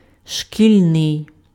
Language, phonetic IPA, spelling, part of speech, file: Ukrainian, [ʃkʲilʲˈnɪi̯], шкільний, adjective, Uk-шкільний.ogg
- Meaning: school (attributive) (pertaining to schools)